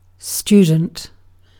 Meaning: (noun) 1. A person who studies or learns about a particular subject 2. A person who is formally enrolled at a school, a college or university, or another educational institution
- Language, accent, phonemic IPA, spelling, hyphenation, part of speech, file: English, UK, /ˈst͡ʃuː.dn̩t/, student, stu‧dent, noun / adjective, En-uk-student.ogg